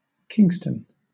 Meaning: The capital and largest city of Jamaica; it is also the capital of its eponymous parish
- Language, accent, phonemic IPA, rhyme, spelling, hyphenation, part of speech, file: English, Southern England, /ˈkɪŋ.stən/, -ɪŋstən, Kingston, King‧ston, proper noun, LL-Q1860 (eng)-Kingston.wav